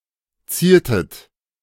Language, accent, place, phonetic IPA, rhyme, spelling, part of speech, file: German, Germany, Berlin, [ˈt͡siːɐ̯tət], -iːɐ̯tət, ziertet, verb, De-ziertet.ogg
- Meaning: inflection of zieren: 1. second-person plural preterite 2. second-person plural subjunctive II